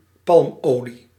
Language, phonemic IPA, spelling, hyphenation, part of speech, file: Dutch, /ˈpɑlmˌoː.li/, palmolie, palm‧olie, noun, Nl-palmolie.ogg
- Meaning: palm oil